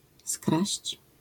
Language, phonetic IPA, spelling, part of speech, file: Polish, [skraɕt͡ɕ], skraść, verb, LL-Q809 (pol)-skraść.wav